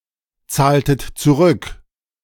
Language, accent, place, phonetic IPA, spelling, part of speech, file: German, Germany, Berlin, [ˌt͡saːltət t͡suˈʁʏk], zahltet zurück, verb, De-zahltet zurück.ogg
- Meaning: inflection of zurückzahlen: 1. second-person plural preterite 2. second-person plural subjunctive II